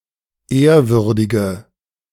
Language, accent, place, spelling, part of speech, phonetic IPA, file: German, Germany, Berlin, ehrwürdige, adjective, [ˈeːɐ̯ˌvʏʁdɪɡə], De-ehrwürdige.ogg
- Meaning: inflection of ehrwürdig: 1. strong/mixed nominative/accusative feminine singular 2. strong nominative/accusative plural 3. weak nominative all-gender singular